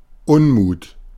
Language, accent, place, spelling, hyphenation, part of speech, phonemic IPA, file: German, Germany, Berlin, Unmut, Un‧mut, noun, /ˈʊnˌmuːt/, De-Unmut.ogg
- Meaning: 1. discontent, displeasure, chagrin 2. resentment